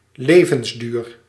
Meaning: 1. lifespan 2. longevity
- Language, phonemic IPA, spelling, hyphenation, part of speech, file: Dutch, /levənzdyr/, levensduur, le‧vens‧duur, noun, Nl-levensduur.ogg